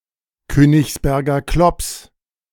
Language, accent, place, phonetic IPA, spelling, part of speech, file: German, Germany, Berlin, [ˈkøːnɪçsˌbɛʁɡɐ klɔps], Königsberger Klops, phrase, De-Königsberger Klops.ogg
- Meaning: singular of Königsberger Klopse